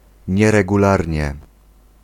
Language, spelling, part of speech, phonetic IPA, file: Polish, nieregularnie, adverb, [ˌɲɛrɛɡuˈlarʲɲɛ], Pl-nieregularnie.ogg